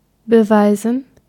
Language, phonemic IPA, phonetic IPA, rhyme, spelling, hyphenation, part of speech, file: German, /bəˈvaɪ̯zən/, [bəˈvaɪ̯zn̩], -aɪ̯zn̩, beweisen, be‧wei‧sen, verb, De-beweisen.ogg
- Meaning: 1. to prove 2. to display, to show, to demonstrate 3. to make hay